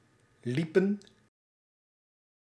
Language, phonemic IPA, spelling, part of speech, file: Dutch, /ˈlipə(n)/, liepen, verb, Nl-liepen.ogg
- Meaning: inflection of lopen: 1. plural past indicative 2. plural past subjunctive